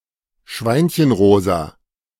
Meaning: piggy-pink
- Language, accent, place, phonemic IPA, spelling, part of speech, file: German, Germany, Berlin, /ˈʃvaɪ̯nçənˌʁoːza/, schweinchenrosa, adjective, De-schweinchenrosa.ogg